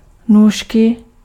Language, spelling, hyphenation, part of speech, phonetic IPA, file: Czech, nůžky, nůž‧ky, noun, [ˈnuːʃkɪ], Cs-nůžky.ogg
- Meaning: scissors